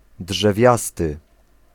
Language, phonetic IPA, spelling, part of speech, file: Polish, [ḍʒɛˈvʲjastɨ], drzewiasty, adjective, Pl-drzewiasty.ogg